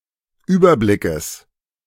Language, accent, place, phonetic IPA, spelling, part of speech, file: German, Germany, Berlin, [ˈyːbɐˌblɪkəs], Überblickes, noun, De-Überblickes.ogg
- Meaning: genitive singular of Überblick